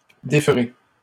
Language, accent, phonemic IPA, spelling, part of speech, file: French, Canada, /de.fʁe/, déferai, verb, LL-Q150 (fra)-déferai.wav
- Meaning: first-person singular future of défaire